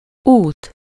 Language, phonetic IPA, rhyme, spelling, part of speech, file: Hungarian, [ˈuːt], -uːt, út, noun, Hu-út.ogg
- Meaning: 1. way, path, track, course 2. road 3. trip, tour, voyage